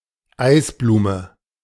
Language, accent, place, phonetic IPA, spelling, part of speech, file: German, Germany, Berlin, [ˈaɪ̯sˌbluːmə], Eisblume, noun, De-Eisblume.ogg
- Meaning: frost pattern, frost flower